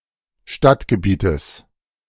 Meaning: genitive singular of Stadtgebiet
- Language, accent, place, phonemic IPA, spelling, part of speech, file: German, Germany, Berlin, /ˈʃtatɡəˌbiːtəs/, Stadtgebietes, noun, De-Stadtgebietes.ogg